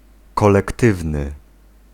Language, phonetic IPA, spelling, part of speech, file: Polish, [ˌkɔlɛkˈtɨvnɨ], kolektywny, adjective, Pl-kolektywny.ogg